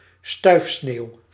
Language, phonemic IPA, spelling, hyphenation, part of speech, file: Dutch, /ˈstœy̯f.sneːu̯/, stuifsneeuw, stuif‧sneeuw, noun, Nl-stuifsneeuw.ogg
- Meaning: drifting snow (fine, particulate snow that is easily blown by the wind)